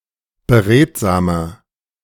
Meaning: 1. comparative degree of beredsam 2. inflection of beredsam: strong/mixed nominative masculine singular 3. inflection of beredsam: strong genitive/dative feminine singular
- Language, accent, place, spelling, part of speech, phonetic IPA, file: German, Germany, Berlin, beredsamer, adjective, [bəˈʁeːtzaːmɐ], De-beredsamer.ogg